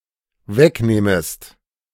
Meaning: second-person singular dependent subjunctive I of wegnehmen
- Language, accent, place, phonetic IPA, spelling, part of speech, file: German, Germany, Berlin, [ˈvɛkˌneːməst], wegnehmest, verb, De-wegnehmest.ogg